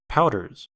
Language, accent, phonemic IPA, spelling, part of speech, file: English, US, /ˈpaʊ.dɚz/, powders, noun / verb, En-us-powders.ogg
- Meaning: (noun) plural of powder; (verb) third-person singular simple present indicative of powder